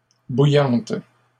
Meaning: feminine singular of bouillant
- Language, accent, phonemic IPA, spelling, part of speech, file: French, Canada, /bu.jɑ̃t/, bouillante, adjective, LL-Q150 (fra)-bouillante.wav